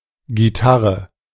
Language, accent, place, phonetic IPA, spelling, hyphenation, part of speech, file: German, Germany, Berlin, [ɡiˈtaʁə], Gitarre, Gi‧tar‧re, noun, De-Gitarre.ogg
- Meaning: guitar